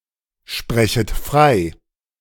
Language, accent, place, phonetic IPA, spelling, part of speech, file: German, Germany, Berlin, [ˌʃpʁɛçət ˈfʁaɪ̯], sprechet frei, verb, De-sprechet frei.ogg
- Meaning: second-person plural subjunctive I of freisprechen